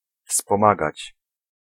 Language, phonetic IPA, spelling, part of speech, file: Polish, [fspɔ̃ˈmaɡat͡ɕ], wspomagać, verb, Pl-wspomagać.ogg